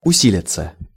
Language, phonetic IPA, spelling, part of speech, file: Russian, [ʊˈsʲilʲɪt͡sə], усилиться, verb, Ru-усилиться.ogg
- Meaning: 1. to become stronger, to intensify, to gain strength 2. to swell, to grow louder 3. to gather momentum 4. to deepen 5. passive of уси́лить (usílitʹ)